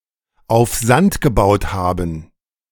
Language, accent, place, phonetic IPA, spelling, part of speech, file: German, Germany, Berlin, [aʊ̯f ˈzant ɡəbaʊ̯t ˌhaːbn̩], auf Sand gebaut haben, phrase, De-auf Sand gebaut haben.ogg
- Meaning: to have built on sand